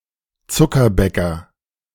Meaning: confectioner (male or of unspecified gender)
- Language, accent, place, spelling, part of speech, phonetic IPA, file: German, Germany, Berlin, Zuckerbäcker, noun, [ˈtsʊkɐˌbɛkɐ], De-Zuckerbäcker.ogg